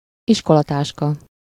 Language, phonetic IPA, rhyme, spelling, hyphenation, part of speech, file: Hungarian, [ˈiʃkolɒtaːʃkɒ], -kɒ, iskolatáska, is‧ko‧la‧tás‧ka, noun, Hu-iskolatáska.ogg
- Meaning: schoolbag, school satchel